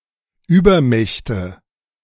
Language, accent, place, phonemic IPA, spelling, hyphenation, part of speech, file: German, Germany, Berlin, /ˈyːbɐˌmɛçtə/, Übermächte, Über‧mäch‧te, noun, De-Übermächte.ogg
- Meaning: plural of Übermacht